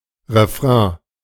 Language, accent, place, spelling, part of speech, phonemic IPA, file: German, Germany, Berlin, Refrain, noun, /reˈfrɛ̃/, De-Refrain.ogg
- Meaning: chorus, refrain (repeated part of a song or poem)